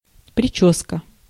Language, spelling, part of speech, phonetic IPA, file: Russian, причёска, noun, [prʲɪˈt͡ɕɵskə], Ru-причёска.ogg
- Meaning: haircut, coiffure, hairdo, hair dress, hair style